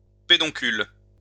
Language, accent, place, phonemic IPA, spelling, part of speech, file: French, France, Lyon, /pe.dɔ̃.kyl/, pédoncule, noun, LL-Q150 (fra)-pédoncule.wav
- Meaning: peduncle